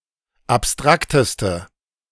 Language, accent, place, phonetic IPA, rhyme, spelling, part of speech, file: German, Germany, Berlin, [apˈstʁaktəstə], -aktəstə, abstrakteste, adjective, De-abstrakteste.ogg
- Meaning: inflection of abstrakt: 1. strong/mixed nominative/accusative feminine singular superlative degree 2. strong nominative/accusative plural superlative degree